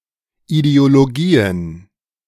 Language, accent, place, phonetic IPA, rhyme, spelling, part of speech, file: German, Germany, Berlin, [ideoloˈɡiːən], -iːən, Ideologien, noun, De-Ideologien.ogg
- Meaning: plural of Ideologie